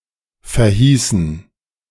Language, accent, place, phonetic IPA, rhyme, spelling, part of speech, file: German, Germany, Berlin, [fɛɐ̯ˈhiːsn̩], -iːsn̩, verhießen, verb, De-verhießen.ogg
- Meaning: inflection of verheißen: 1. first/third-person plural preterite 2. first/third-person plural subjunctive II